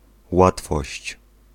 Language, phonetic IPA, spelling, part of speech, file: Polish, [ˈwatfɔɕt͡ɕ], łatwość, noun, Pl-łatwość.ogg